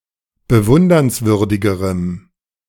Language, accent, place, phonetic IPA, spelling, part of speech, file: German, Germany, Berlin, [bəˈvʊndɐnsˌvʏʁdɪɡəʁəm], bewundernswürdigerem, adjective, De-bewundernswürdigerem.ogg
- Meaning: strong dative masculine/neuter singular comparative degree of bewundernswürdig